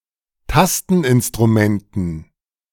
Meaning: dative plural of Tasteninstrument
- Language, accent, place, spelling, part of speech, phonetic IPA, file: German, Germany, Berlin, Tasteninstrumenten, noun, [ˈtastn̩ʔɪnstʁuˌmɛntn̩], De-Tasteninstrumenten.ogg